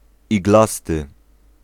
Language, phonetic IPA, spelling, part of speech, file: Polish, [iɡˈlastɨ], iglasty, adjective, Pl-iglasty.ogg